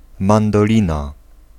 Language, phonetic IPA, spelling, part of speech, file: Polish, [ˌmãndɔˈlʲĩna], mandolina, noun, Pl-mandolina.ogg